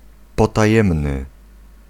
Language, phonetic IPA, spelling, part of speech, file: Polish, [ˌpɔtaˈjɛ̃mnɨ], potajemny, adjective, Pl-potajemny.ogg